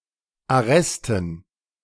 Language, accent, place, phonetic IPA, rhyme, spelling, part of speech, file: German, Germany, Berlin, [aˈʁɛstn̩], -ɛstn̩, Arresten, noun, De-Arresten.ogg
- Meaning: plural of Arrest